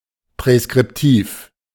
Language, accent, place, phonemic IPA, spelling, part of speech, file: German, Germany, Berlin, /pʁɛskʁɪpˈtiːf/, präskriptiv, adjective, De-präskriptiv.ogg
- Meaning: prescriptive